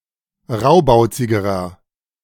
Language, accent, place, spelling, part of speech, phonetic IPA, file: German, Germany, Berlin, raubauzigerer, adjective, [ˈʁaʊ̯baʊ̯t͡sɪɡəʁɐ], De-raubauzigerer.ogg
- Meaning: inflection of raubauzig: 1. strong/mixed nominative masculine singular comparative degree 2. strong genitive/dative feminine singular comparative degree 3. strong genitive plural comparative degree